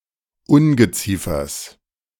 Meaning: genitive singular of Ungeziefer
- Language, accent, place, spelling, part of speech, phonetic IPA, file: German, Germany, Berlin, Ungeziefers, noun, [ˈʊnɡəˌt͡siːfɐs], De-Ungeziefers.ogg